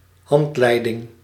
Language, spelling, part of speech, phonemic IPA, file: Dutch, handleiding, noun, /ˈhɑntlɛidɪŋ/, Nl-handleiding.ogg
- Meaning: manual